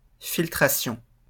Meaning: filtration
- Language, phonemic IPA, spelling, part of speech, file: French, /fil.tʁa.sjɔ̃/, filtration, noun, LL-Q150 (fra)-filtration.wav